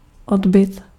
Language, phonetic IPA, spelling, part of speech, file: Czech, [ˈodbɪt], odbyt, noun, Cs-odbyt.ogg
- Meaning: sales, marketing